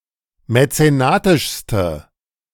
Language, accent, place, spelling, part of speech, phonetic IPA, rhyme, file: German, Germany, Berlin, mäzenatischste, adjective, [mɛt͡seˈnaːtɪʃstə], -aːtɪʃstə, De-mäzenatischste.ogg
- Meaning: inflection of mäzenatisch: 1. strong/mixed nominative/accusative feminine singular superlative degree 2. strong nominative/accusative plural superlative degree